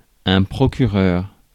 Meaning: 1. representative, agent 2. attorney, prosecutor 3. pastor
- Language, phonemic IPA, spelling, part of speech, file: French, /pʁɔ.ky.ʁœʁ/, procureur, noun, Fr-procureur.ogg